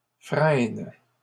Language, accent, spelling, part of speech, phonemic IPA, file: French, Canada, frênes, noun, /fʁɛn/, LL-Q150 (fra)-frênes.wav
- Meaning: plural of frêne